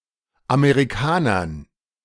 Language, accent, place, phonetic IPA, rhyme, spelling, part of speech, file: German, Germany, Berlin, [ameʁiˈkaːnɐn], -aːnɐn, Amerikanern, noun, De-Amerikanern.ogg
- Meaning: dative plural of Amerikaner